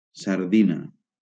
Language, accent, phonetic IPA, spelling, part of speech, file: Catalan, Valencia, [saɾˈði.na], sardina, noun, LL-Q7026 (cat)-sardina.wav
- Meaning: European pilchard (Sardina pilchardus)